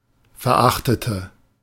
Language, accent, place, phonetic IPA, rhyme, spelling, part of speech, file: German, Germany, Berlin, [fɛɐ̯ˈʔaxtətə], -axtətə, verachtete, adjective / verb, De-verachtete.ogg
- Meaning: inflection of verachten: 1. first/third-person singular preterite 2. first/third-person singular subjunctive II